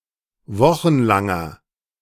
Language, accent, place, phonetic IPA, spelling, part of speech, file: German, Germany, Berlin, [ˈvɔxn̩ˌlaŋɐ], wochenlanger, adjective, De-wochenlanger.ogg
- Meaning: inflection of wochenlang: 1. strong/mixed nominative masculine singular 2. strong genitive/dative feminine singular 3. strong genitive plural